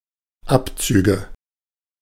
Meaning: nominative/accusative/genitive plural of Abzug
- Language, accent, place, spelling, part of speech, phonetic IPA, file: German, Germany, Berlin, Abzüge, noun, [ˈapˌt͡syːɡə], De-Abzüge.ogg